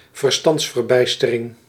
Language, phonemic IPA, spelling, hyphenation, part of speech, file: Dutch, /vərˈstɑnts.vərˌbɛi̯.stə.rɪŋ/, verstandsverbijstering, ver‧stands‧ver‧bijs‧te‧ring, noun, Nl-verstandsverbijstering.ogg
- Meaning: bewilderment, stupor